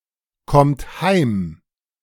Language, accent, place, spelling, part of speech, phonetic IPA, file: German, Germany, Berlin, kommt heim, verb, [ˌkɔmt ˈhaɪ̯m], De-kommt heim.ogg
- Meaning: second-person plural present of heimkommen